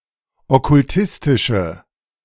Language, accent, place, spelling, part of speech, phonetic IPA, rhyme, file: German, Germany, Berlin, okkultistische, adjective, [ɔkʊlˈtɪstɪʃə], -ɪstɪʃə, De-okkultistische.ogg
- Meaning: inflection of okkultistisch: 1. strong/mixed nominative/accusative feminine singular 2. strong nominative/accusative plural 3. weak nominative all-gender singular